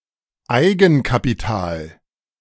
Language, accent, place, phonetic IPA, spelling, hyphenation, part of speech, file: German, Germany, Berlin, [ˈaɪ̯ɡn̩kapiˌtaːl], Eigenkapital, Ei‧gen‧ka‧pi‧tal, noun, De-Eigenkapital.ogg
- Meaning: equity; capital